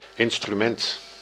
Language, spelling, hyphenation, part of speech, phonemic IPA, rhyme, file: Dutch, instrument, in‧stru‧ment, noun, /ˌɪn.stryˈmɛnt/, -ɛnt, Nl-instrument.ogg
- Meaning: 1. instrument 2. musical instrument